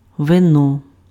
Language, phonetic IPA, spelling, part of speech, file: Ukrainian, [ʋeˈnɔ], вино, noun, Uk-вино.ogg
- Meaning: 1. wine (alcoholic beverage made from grapes) 2. spades (one of the four suits of playing cards, marked with the symbol ♠)